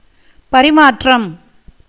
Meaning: 1. exchange, interchange 2. behaviour, conduct 3. intercourse
- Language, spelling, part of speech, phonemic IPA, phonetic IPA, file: Tamil, பரிமாற்றம், noun, /pɐɾɪmɑːrːɐm/, [pɐɾɪmäːtrɐm], Ta-பரிமாற்றம்.ogg